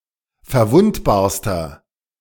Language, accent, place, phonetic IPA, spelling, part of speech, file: German, Germany, Berlin, [fɛɐ̯ˈvʊntbaːɐ̯stɐ], verwundbarster, adjective, De-verwundbarster.ogg
- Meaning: inflection of verwundbar: 1. strong/mixed nominative masculine singular superlative degree 2. strong genitive/dative feminine singular superlative degree 3. strong genitive plural superlative degree